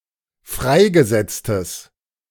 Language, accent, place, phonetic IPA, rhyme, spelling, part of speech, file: German, Germany, Berlin, [ˈfʁaɪ̯ɡəˌzɛt͡stəs], -aɪ̯ɡəzɛt͡stəs, freigesetztes, adjective, De-freigesetztes.ogg
- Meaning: strong/mixed nominative/accusative neuter singular of freigesetzt